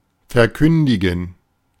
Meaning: 1. to proclaim, declare 2. to give notice about the termination with regard to a continuous obligation
- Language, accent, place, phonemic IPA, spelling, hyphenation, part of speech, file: German, Germany, Berlin, /fɛɐ̯ˈkʏndɪɡn̩/, verkündigen, ver‧kün‧di‧gen, verb, De-verkündigen.ogg